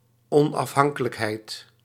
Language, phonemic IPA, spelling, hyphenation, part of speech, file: Dutch, /ˌɔn.ɑfˈɦɑŋ.kə.lək.ɦɛi̯t/, onafhankelijkheid, on‧af‧han‧ke‧lijk‧heid, noun, Nl-onafhankelijkheid.ogg
- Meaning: independence